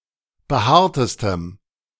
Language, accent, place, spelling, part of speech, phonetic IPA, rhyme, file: German, Germany, Berlin, behaartestem, adjective, [bəˈhaːɐ̯təstəm], -aːɐ̯təstəm, De-behaartestem.ogg
- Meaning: strong dative masculine/neuter singular superlative degree of behaart